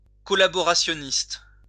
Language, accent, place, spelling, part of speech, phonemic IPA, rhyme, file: French, France, Lyon, collaborationniste, adjective / noun, /kɔ.la.bɔ.ʁa.sjɔ.nist/, -ist, LL-Q150 (fra)-collaborationniste.wav
- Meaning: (adjective) collaborationist; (noun) synonym of collaborateur